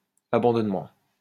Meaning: 1. the act of giving up or surrendering when faced with something 2. Moral neglect 3. the act of abandoning; abandonment 4. the state resulting of such an act
- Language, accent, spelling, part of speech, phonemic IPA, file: French, France, abandonnement, noun, /a.bɑ̃.dɔn.mɑ̃/, LL-Q150 (fra)-abandonnement.wav